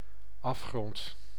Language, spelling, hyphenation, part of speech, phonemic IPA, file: Dutch, afgrond, af‧grond, noun, /ˈɑf.xrɔnt/, Nl-afgrond.ogg
- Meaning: abyss